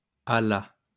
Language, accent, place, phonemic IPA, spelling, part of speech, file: French, France, Lyon, /a la/, à la, preposition, LL-Q150 (fra)-à la.wav
- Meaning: 1. Used other than figuratively or idiomatically: see à, la 2. a la, in the style or manner of (with a feminine singular adjective or a proper noun)